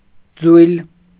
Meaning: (adjective) cast, smelted, founded; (noun) ingot
- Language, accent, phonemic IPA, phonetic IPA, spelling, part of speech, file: Armenian, Eastern Armenian, /d͡zujl/, [d͡zujl], ձույլ, adjective / noun, Hy-ձույլ.ogg